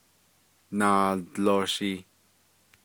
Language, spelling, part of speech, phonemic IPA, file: Navajo, naaldlooshii, noun, /nɑ̀ːlt͡lòːʃìː/, Nv-naaldlooshii.ogg
- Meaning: 1. quadrupeds 2. animals, beasts 3. livestock